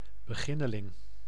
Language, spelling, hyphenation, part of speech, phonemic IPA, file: Dutch, beginneling, be‧gin‧ne‧ling, noun, /bəˈɣi.nəˌlɪŋ/, Nl-beginneling.ogg
- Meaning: a beginner, a novice, a newcomer